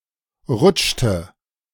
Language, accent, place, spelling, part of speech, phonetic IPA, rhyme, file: German, Germany, Berlin, rutschte, verb, [ˈʁʊt͡ʃtə], -ʊt͡ʃtə, De-rutschte.ogg
- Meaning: inflection of rutschen: 1. first/third-person singular preterite 2. first/third-person singular subjunctive II